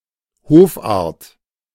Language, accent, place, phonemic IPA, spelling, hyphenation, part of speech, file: German, Germany, Berlin, /ˈhɔfaʁt/, Hoffart, Hof‧fart, noun, De-Hoffart.ogg
- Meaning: haughtiness, self-importance